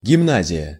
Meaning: 1. high school (US) 2. grammar school (UK)
- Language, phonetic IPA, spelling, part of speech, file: Russian, [ɡʲɪˈmnazʲɪjə], гимназия, noun, Ru-гимназия.ogg